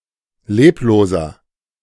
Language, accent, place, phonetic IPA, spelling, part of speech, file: German, Germany, Berlin, [ˈleːploːzɐ], lebloser, adjective, De-lebloser.ogg
- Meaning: inflection of leblos: 1. strong/mixed nominative masculine singular 2. strong genitive/dative feminine singular 3. strong genitive plural